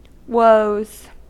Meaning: plural of woe
- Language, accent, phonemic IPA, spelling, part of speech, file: English, US, /woʊz/, woes, noun, En-us-woes.ogg